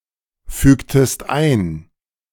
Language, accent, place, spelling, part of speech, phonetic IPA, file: German, Germany, Berlin, fügtest ein, verb, [ˌfyːktəst ˈaɪ̯n], De-fügtest ein.ogg
- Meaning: inflection of einfügen: 1. second-person singular preterite 2. second-person singular subjunctive II